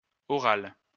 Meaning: feminine singular of oral
- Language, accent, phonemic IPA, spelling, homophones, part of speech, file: French, France, /ɔ.ʁal/, orale, oral / orales, adjective, LL-Q150 (fra)-orale.wav